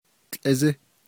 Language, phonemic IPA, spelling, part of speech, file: Navajo, /tɬʼɪ́zɪ́/, tłʼízí, noun, Nv-tłʼízí.ogg
- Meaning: goat